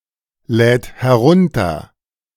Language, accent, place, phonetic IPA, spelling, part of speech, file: German, Germany, Berlin, [ˌlɛːt hɛˈʁʊntɐ], lädt herunter, verb, De-lädt herunter.ogg
- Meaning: third-person singular present of herunterladen